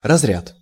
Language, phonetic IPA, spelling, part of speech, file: Russian, [rɐzˈrʲat], разряд, noun, Ru-разряд.ogg
- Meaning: 1. category, class 2. discharge 3. unloading 4. numerical place, digit